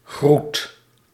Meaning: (noun) greeting; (verb) inflection of groeten: 1. first/second/third-person singular present indicative 2. imperative
- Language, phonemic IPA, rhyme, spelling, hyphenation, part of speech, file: Dutch, /ɣrut/, -ut, groet, groet, noun / verb, Nl-groet.ogg